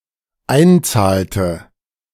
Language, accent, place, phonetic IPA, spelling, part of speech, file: German, Germany, Berlin, [ˈaɪ̯nˌt͡saːltə], einzahlte, verb, De-einzahlte.ogg
- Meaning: inflection of einzahlen: 1. first/third-person singular dependent preterite 2. first/third-person singular dependent subjunctive II